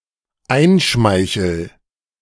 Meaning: first-person singular dependent present of einschmeicheln
- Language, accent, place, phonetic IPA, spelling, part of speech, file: German, Germany, Berlin, [ˈaɪ̯nˌʃmaɪ̯çl̩], einschmeichel, verb, De-einschmeichel.ogg